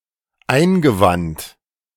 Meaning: past participle of einwenden
- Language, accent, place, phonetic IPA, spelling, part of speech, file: German, Germany, Berlin, [ˈaɪ̯nɡəˌvant], eingewandt, verb, De-eingewandt.ogg